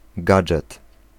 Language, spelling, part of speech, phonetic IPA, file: Polish, gadżet, noun, [ˈɡad͡ʒɛt], Pl-gadżet.ogg